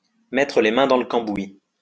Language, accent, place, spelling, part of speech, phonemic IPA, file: French, France, Lyon, mettre les mains dans le cambouis, verb, /mɛ.tʁə le mɛ̃ dɑ̃ l(ə) kɑ̃.bwi/, LL-Q150 (fra)-mettre les mains dans le cambouis.wav
- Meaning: to get one's hands dirty, to tackle an issue head on, to get involved with a task and proactively try to solve it